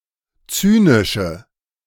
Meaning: inflection of zynisch: 1. strong/mixed nominative/accusative feminine singular 2. strong nominative/accusative plural 3. weak nominative all-gender singular 4. weak accusative feminine/neuter singular
- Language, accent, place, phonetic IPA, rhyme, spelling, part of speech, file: German, Germany, Berlin, [ˈt͡syːnɪʃə], -yːnɪʃə, zynische, adjective, De-zynische.ogg